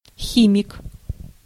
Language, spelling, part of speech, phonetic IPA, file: Russian, химик, noun, [ˈxʲimʲɪk], Ru-химик.ogg
- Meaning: 1. chemist (person working in chemistry) 2. chemistry student 3. a convict who has been released to work in construction (хи́мия (xímija)) 4. an athlete on juice, a roid user